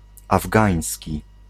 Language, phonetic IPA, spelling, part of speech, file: Polish, [avˈɡãj̃sʲci], afgański, adjective / noun, Pl-afgański.ogg